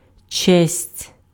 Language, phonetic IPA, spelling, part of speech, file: Ukrainian, [t͡ʃɛsʲtʲ], честь, noun, Uk-честь.ogg
- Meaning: 1. honor 2. respect